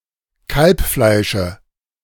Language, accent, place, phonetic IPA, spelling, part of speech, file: German, Germany, Berlin, [ˈkalpˌflaɪ̯ʃə], Kalbfleische, noun, De-Kalbfleische.ogg
- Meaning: dative singular of Kalbfleisch